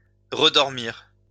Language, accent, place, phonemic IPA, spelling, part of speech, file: French, France, Lyon, /ʁə.dɔʁ.miʁ/, redormir, verb, LL-Q150 (fra)-redormir.wav
- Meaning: to sleep again